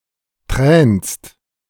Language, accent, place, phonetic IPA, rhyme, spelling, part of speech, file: German, Germany, Berlin, [tʁɛːnst], -ɛːnst, tränst, verb, De-tränst.ogg
- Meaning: second-person singular present of tränen